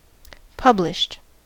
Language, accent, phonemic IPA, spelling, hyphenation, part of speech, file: English, US, /ˈpʌblɪʃt/, published, pub‧lished, verb / adjective, En-us-published.ogg
- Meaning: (verb) simple past and past participle of publish; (adjective) 1. Issued for sale to the public 2. Who has had a publication published